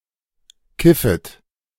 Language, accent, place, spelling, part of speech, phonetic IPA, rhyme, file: German, Germany, Berlin, kiffet, verb, [ˈkɪfət], -ɪfət, De-kiffet.ogg
- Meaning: second-person plural subjunctive I of kiffen